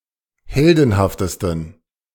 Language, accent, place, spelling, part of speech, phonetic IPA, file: German, Germany, Berlin, heldenhaftesten, adjective, [ˈhɛldn̩haftəstn̩], De-heldenhaftesten.ogg
- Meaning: 1. superlative degree of heldenhaft 2. inflection of heldenhaft: strong genitive masculine/neuter singular superlative degree